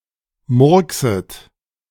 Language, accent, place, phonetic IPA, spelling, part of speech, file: German, Germany, Berlin, [ˈmʊʁksət], murkset, verb, De-murkset.ogg
- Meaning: second-person plural subjunctive I of murksen